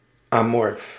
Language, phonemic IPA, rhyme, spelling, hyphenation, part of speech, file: Dutch, /aːˈmɔrf/, -ɔrf, amorf, amorf, adjective, Nl-amorf.ogg
- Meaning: amorphous, shapeless (lacking a definite form or clear shape)